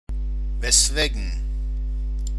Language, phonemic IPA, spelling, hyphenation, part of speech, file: German, /vɛsˈveːɡn̩/, weswegen, wes‧we‧gen, adverb, De-weswegen.ogg
- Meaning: 1. why, for what reason 2. wherefore, for which